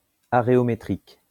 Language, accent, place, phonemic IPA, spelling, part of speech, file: French, France, Lyon, /a.ʁe.ɔ.me.tʁik/, aréométrique, adjective, LL-Q150 (fra)-aréométrique.wav
- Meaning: areometric